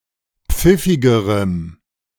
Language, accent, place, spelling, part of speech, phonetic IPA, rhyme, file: German, Germany, Berlin, pfiffigerem, adjective, [ˈp͡fɪfɪɡəʁəm], -ɪfɪɡəʁəm, De-pfiffigerem.ogg
- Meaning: strong dative masculine/neuter singular comparative degree of pfiffig